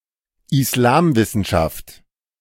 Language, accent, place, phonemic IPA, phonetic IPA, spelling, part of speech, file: German, Germany, Berlin, /ɪsˈlaːmˌvɪsənʃaft/, [ʔɪsˈlaːmˌvɪsn̩ʃaftʰ], Islamwissenschaft, noun, De-Islamwissenschaft.ogg
- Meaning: Islamic studies (academic study of Islam and Islamic cultures)